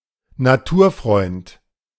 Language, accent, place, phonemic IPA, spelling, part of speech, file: German, Germany, Berlin, /naˈtuːɐ̯ˌfʁɔɪ̯nt/, Naturfreund, noun, De-Naturfreund.ogg
- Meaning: nature lover, nature-lover